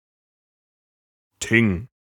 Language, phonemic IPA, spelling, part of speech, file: German, /tɪŋ/, Thing, noun, De-Thing.ogg
- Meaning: Thing (historic Germanic council)